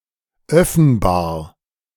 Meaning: openable
- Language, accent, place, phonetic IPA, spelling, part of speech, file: German, Germany, Berlin, [ˈœfn̩baːɐ̯], öffenbar, adjective, De-öffenbar.ogg